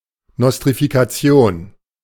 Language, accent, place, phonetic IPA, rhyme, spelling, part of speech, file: German, Germany, Berlin, [ˌnɔstʁifikaˈt͡si̯oːn], -oːn, Nostrifikation, noun, De-Nostrifikation.ogg
- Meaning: nostrification: process or act of granting recognition to a degree from a foreign university